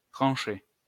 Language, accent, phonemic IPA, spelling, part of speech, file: French, France, /tʁɑ̃.ʃe/, tranchée, verb / noun, LL-Q150 (fra)-tranchée.wav
- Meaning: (verb) feminine singular of tranché; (noun) trench